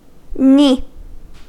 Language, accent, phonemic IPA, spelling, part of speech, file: English, General American, /ni/, ni, noun, En-us-ni.ogg
- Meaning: Initialism of noun inanimate